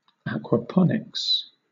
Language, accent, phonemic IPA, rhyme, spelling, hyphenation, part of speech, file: English, Southern England, /(ˌ)ækwəˈpɒnɪks/, -ɒnɪks, aquaponics, aqua‧pon‧ics, noun, LL-Q1860 (eng)-aquaponics.wav
- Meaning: A sustainable food production system that combines traditional aquaculture with hydroponics, with effluent from the water in which fish are reared being used as nutrition for plants